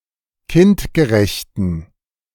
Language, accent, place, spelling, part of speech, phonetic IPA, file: German, Germany, Berlin, kindgerechten, adjective, [ˈkɪntɡəˌʁɛçtn̩], De-kindgerechten.ogg
- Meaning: inflection of kindgerecht: 1. strong genitive masculine/neuter singular 2. weak/mixed genitive/dative all-gender singular 3. strong/weak/mixed accusative masculine singular 4. strong dative plural